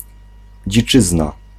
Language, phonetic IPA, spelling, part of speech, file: Polish, [d͡ʑiˈt͡ʃɨzna], dziczyzna, noun, Pl-dziczyzna.ogg